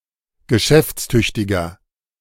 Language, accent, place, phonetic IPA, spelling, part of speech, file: German, Germany, Berlin, [ɡəˈʃɛft͡sˌtʏçtɪɡɐ], geschäftstüchtiger, adjective, De-geschäftstüchtiger.ogg
- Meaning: 1. comparative degree of geschäftstüchtig 2. inflection of geschäftstüchtig: strong/mixed nominative masculine singular 3. inflection of geschäftstüchtig: strong genitive/dative feminine singular